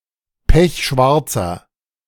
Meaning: inflection of pechschwarz: 1. strong/mixed nominative masculine singular 2. strong genitive/dative feminine singular 3. strong genitive plural
- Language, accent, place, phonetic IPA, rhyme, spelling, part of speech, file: German, Germany, Berlin, [ˈpɛçˈʃvaʁt͡sɐ], -aʁt͡sɐ, pechschwarzer, adjective, De-pechschwarzer.ogg